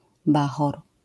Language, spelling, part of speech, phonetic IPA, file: Polish, bachor, noun, [ˈbaxɔr], LL-Q809 (pol)-bachor.wav